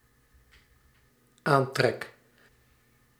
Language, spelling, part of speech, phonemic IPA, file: Dutch, aantrek, verb, /ˈantrɛk/, Nl-aantrek.ogg
- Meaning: first-person singular dependent-clause present indicative of aantrekken